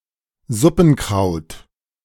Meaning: pot herb
- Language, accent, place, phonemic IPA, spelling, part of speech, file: German, Germany, Berlin, /ˈzʊpn̩ˌkʁaʊ̯t/, Suppenkraut, noun, De-Suppenkraut.ogg